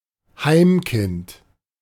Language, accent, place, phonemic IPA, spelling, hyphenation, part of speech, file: German, Germany, Berlin, /ˈhaɪ̯mˌkɪnt/, Heimkind, Heim‧kind, noun, De-Heimkind.ogg
- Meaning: child in a children's home